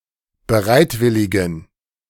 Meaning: inflection of bereitwillig: 1. strong genitive masculine/neuter singular 2. weak/mixed genitive/dative all-gender singular 3. strong/weak/mixed accusative masculine singular 4. strong dative plural
- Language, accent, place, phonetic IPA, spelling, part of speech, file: German, Germany, Berlin, [bəˈʁaɪ̯tˌvɪlɪɡn̩], bereitwilligen, adjective, De-bereitwilligen.ogg